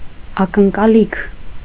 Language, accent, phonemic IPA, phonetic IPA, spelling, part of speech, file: Armenian, Eastern Armenian, /ɑkənkɑˈlikʰ/, [ɑkəŋkɑlíkʰ], ակնկալիք, noun, Hy-ակնկալիք.ogg
- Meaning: expectation, anticipation, hope